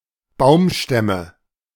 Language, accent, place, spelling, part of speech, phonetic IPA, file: German, Germany, Berlin, Baumstämme, noun, [ˈbaʊ̯mʃtɛmə], De-Baumstämme.ogg
- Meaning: nominative/genitive/accusative plural of Baumstamm